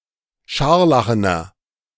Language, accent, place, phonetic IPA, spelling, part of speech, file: German, Germany, Berlin, [ˈʃaʁlaxənɐ], scharlachener, adjective, De-scharlachener.ogg
- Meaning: inflection of scharlachen: 1. strong/mixed nominative masculine singular 2. strong genitive/dative feminine singular 3. strong genitive plural